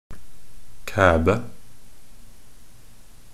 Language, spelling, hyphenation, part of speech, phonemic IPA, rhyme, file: Norwegian Bokmål, kæbe, kæ‧be, noun, /ˈkæːbə/, -æːbə, Nb-kæbe.ogg
- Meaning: a chick; woman, girl